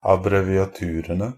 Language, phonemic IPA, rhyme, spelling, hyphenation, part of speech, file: Norwegian Bokmål, /abrɛʋɪaˈtʉːrənə/, -ənə, abbreviaturene, ab‧bre‧vi‧a‧tu‧re‧ne, noun, NB - Pronunciation of Norwegian Bokmål «abbreviaturene».ogg
- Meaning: definite plural of abbreviatur